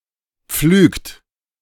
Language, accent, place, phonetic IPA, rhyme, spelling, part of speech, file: German, Germany, Berlin, [p͡flyːkt], -yːkt, pflügt, verb, De-pflügt.ogg
- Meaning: inflection of pflügen: 1. third-person singular present 2. second-person plural present 3. plural imperative